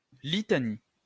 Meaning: litany
- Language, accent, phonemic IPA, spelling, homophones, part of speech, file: French, France, /li.ta.ni/, litanie, litanies, noun, LL-Q150 (fra)-litanie.wav